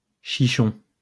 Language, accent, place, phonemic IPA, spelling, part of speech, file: French, France, Lyon, /ʃi.ʃɔ̃/, chichon, noun, LL-Q150 (fra)-chichon.wav
- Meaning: hashish